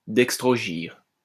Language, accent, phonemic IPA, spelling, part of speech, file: French, France, /dɛk.stʁɔ.ʒiʁ/, dextrogyre, adjective, LL-Q150 (fra)-dextrogyre.wav
- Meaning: dextrorotatory